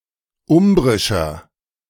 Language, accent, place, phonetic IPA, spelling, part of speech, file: German, Germany, Berlin, [ˈʊmbʁɪʃɐ], umbrischer, adjective, De-umbrischer.ogg
- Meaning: inflection of umbrisch: 1. strong/mixed nominative masculine singular 2. strong genitive/dative feminine singular 3. strong genitive plural